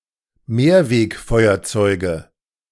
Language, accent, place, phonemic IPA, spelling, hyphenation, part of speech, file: German, Germany, Berlin, /ˈmeːɐ̯veːkˌfɔɪ̯ɐt͡sɔɪ̯ɡə/, Mehrwegfeuerzeuge, Mehr‧weg‧feu‧er‧zeu‧ge, noun, De-Mehrwegfeuerzeuge.ogg
- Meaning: nominative/accusative/genitive plural of Mehrwegfeuerzeug